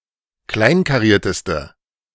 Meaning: inflection of kleinkariert: 1. strong/mixed nominative/accusative feminine singular superlative degree 2. strong nominative/accusative plural superlative degree
- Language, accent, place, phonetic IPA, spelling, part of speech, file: German, Germany, Berlin, [ˈklaɪ̯nkaˌʁiːɐ̯təstə], kleinkarierteste, adjective, De-kleinkarierteste.ogg